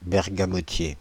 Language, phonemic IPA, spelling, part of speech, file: French, /bɛʁ.ɡa.mɔ.tje/, bergamotier, noun, Fr-bergamotier.ogg
- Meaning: bergamot